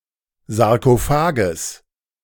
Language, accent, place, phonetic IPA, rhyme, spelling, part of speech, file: German, Germany, Berlin, [zaʁkoˈfaːɡəs], -aːɡəs, Sarkophages, noun, De-Sarkophages.ogg
- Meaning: genitive singular of Sarkophag